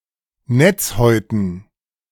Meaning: dative plural of Netzhaut
- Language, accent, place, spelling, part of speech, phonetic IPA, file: German, Germany, Berlin, Netzhäuten, noun, [ˈnɛt͡sˌhɔɪ̯tn̩], De-Netzhäuten.ogg